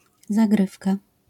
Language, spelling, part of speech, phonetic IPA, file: Polish, zagrywka, noun, [zaˈɡrɨfka], LL-Q809 (pol)-zagrywka.wav